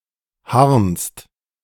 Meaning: second-person singular present of harnen
- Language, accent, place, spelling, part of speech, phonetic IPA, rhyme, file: German, Germany, Berlin, harnst, verb, [haʁnst], -aʁnst, De-harnst.ogg